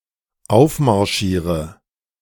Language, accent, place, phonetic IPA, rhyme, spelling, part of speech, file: German, Germany, Berlin, [ˈaʊ̯fmaʁˌʃiːʁə], -aʊ̯fmaʁʃiːʁə, aufmarschiere, verb, De-aufmarschiere.ogg
- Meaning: inflection of aufmarschieren: 1. first-person singular dependent present 2. first/third-person singular dependent subjunctive I